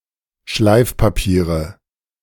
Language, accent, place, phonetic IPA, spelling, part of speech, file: German, Germany, Berlin, [ˈʃlaɪ̯fpaˌpiːʁə], Schleifpapiere, noun, De-Schleifpapiere.ogg
- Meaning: nominative/accusative/genitive plural of Schleifpapier